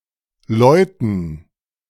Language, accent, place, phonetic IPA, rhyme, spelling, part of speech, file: German, Germany, Berlin, [ˈlɔɪ̯tn̩], -ɔɪ̯tn̩, Leuten, noun, De-Leuten.ogg
- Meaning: dative plural of Leute